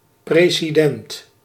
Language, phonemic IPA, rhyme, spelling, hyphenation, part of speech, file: Dutch, /preː.ziˈdɛnt/, -ɛnt, president, pre‧si‧dent, noun, Nl-president.ogg
- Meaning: president